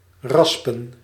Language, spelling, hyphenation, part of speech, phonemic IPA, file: Dutch, raspen, ras‧pen, verb, /ˈrɑs.pə(n)/, Nl-raspen.ogg
- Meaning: to grate